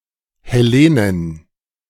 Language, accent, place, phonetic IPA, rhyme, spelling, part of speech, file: German, Germany, Berlin, [hɛˈleːnən], -eːnən, Hellenen, noun, De-Hellenen.ogg
- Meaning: plural of Hellene